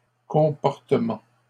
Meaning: plural of comportement
- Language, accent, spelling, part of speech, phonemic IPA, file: French, Canada, comportements, noun, /kɔ̃.pɔʁ.tə.mɑ̃/, LL-Q150 (fra)-comportements.wav